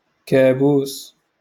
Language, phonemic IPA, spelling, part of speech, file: Moroccan Arabic, /kaːbuːs/, كابوس, noun, LL-Q56426 (ary)-كابوس.wav
- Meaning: 1. handgun 2. nightmare